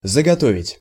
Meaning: 1. to store up, to lay in (stock) 2. to prepare 3. to procure 4. to harvest
- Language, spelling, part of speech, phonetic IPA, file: Russian, заготовить, verb, [zəɡɐˈtovʲɪtʲ], Ru-заготовить.ogg